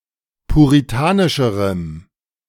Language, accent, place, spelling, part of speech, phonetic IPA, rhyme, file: German, Germany, Berlin, puritanischerem, adjective, [puʁiˈtaːnɪʃəʁəm], -aːnɪʃəʁəm, De-puritanischerem.ogg
- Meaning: strong dative masculine/neuter singular comparative degree of puritanisch